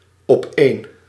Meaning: on top of each other
- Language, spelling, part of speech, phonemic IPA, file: Dutch, opeen, adverb, /ɔˈpen/, Nl-opeen.ogg